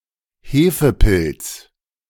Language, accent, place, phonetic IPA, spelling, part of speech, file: German, Germany, Berlin, [ˈheːfəˌpɪlt͡s], Hefepilz, noun, De-Hefepilz.ogg
- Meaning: yeast (type of fungus)